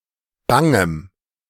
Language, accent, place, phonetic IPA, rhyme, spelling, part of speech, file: German, Germany, Berlin, [ˈbaŋəm], -aŋəm, bangem, adjective, De-bangem.ogg
- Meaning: strong dative masculine/neuter singular of bang